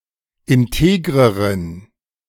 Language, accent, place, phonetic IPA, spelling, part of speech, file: German, Germany, Berlin, [ɪnˈteːɡʁəʁən], integreren, adjective, De-integreren.ogg
- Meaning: inflection of integer: 1. strong genitive masculine/neuter singular comparative degree 2. weak/mixed genitive/dative all-gender singular comparative degree